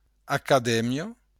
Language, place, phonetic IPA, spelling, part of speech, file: Occitan, Béarn, [akaˈdɛmjo], acadèmia, noun, LL-Q14185 (oci)-acadèmia.wav
- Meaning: academy